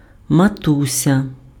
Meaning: endearing form of ма́ти (máty, “mother”)
- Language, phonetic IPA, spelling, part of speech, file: Ukrainian, [mɐˈtusʲɐ], матуся, noun, Uk-матуся.ogg